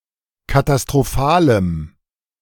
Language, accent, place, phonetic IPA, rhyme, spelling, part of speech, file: German, Germany, Berlin, [katastʁoˈfaːləm], -aːləm, katastrophalem, adjective, De-katastrophalem.ogg
- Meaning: strong dative masculine/neuter singular of katastrophal